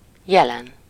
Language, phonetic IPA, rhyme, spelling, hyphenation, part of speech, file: Hungarian, [ˈjɛlɛn], -ɛn, jelen, je‧len, adjective / noun, Hu-jelen.ogg
- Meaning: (adjective) present; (noun) superessive singular of jel